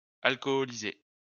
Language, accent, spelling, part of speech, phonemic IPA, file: French, France, alcoholiser, verb, /al.kɔ.li.ze/, LL-Q150 (fra)-alcoholiser.wav
- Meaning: alternative spelling of alcooliser